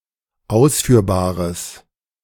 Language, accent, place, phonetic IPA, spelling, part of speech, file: German, Germany, Berlin, [ˈaʊ̯sfyːɐ̯baːʁəs], ausführbares, adjective, De-ausführbares.ogg
- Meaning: strong/mixed nominative/accusative neuter singular of ausführbar